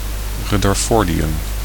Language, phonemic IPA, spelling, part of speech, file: Dutch, /ˌrʏdərˈfɔrdiˌjʏm/, rutherfordium, noun, Nl-rutherfordium.ogg
- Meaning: rutherfordium